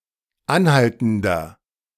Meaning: inflection of anhaltend: 1. strong/mixed nominative masculine singular 2. strong genitive/dative feminine singular 3. strong genitive plural
- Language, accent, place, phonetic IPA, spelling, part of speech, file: German, Germany, Berlin, [ˈanˌhaltn̩dɐ], anhaltender, adjective, De-anhaltender.ogg